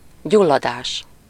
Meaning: 1. inflammation 2. combustion, ignition (the starting point of burning; chiefly in phrases like gyulladáspont and öngyulladás)
- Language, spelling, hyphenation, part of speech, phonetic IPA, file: Hungarian, gyulladás, gyul‧la‧dás, noun, [ˈɟulːɒdaːʃ], Hu-gyulladás.ogg